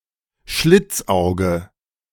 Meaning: 1. almond-shaped eye; Mongoloid eye; Asian eye 2. Chink, gook, slanteye (East Asian person)
- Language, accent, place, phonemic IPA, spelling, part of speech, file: German, Germany, Berlin, /ˈʃlɪt͡sˌaʊ̯ɡə/, Schlitzauge, noun, De-Schlitzauge.ogg